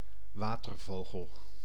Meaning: an aquatic bird
- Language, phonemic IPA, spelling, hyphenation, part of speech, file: Dutch, /ˈʋaː.tərˌvoː.ɣəl/, watervogel, wa‧ter‧vo‧gel, noun, Nl-watervogel.ogg